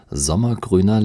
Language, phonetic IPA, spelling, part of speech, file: German, [ˈzɔmɐˌɡʁyːnɐ], sommergrüner, adjective, De-sommergrüner.ogg
- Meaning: inflection of sommergrün: 1. strong/mixed nominative masculine singular 2. strong genitive/dative feminine singular 3. strong genitive plural